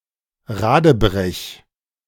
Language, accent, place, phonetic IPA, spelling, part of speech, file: German, Germany, Berlin, [ˈʁaːdəˌbʁɛç], radebrech, verb, De-radebrech.ogg
- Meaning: 1. singular imperative of radebrechen 2. first-person singular present of radebrechen